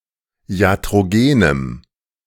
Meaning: strong dative masculine/neuter singular of iatrogen
- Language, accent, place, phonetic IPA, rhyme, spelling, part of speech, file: German, Germany, Berlin, [i̯atʁoˈɡeːnəm], -eːnəm, iatrogenem, adjective, De-iatrogenem.ogg